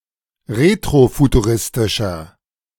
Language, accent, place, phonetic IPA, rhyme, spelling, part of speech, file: German, Germany, Berlin, [ˌʁetʁofutuˈʁɪstɪʃɐ], -ɪstɪʃɐ, retrofuturistischer, adjective, De-retrofuturistischer.ogg
- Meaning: inflection of retrofuturistisch: 1. strong/mixed nominative masculine singular 2. strong genitive/dative feminine singular 3. strong genitive plural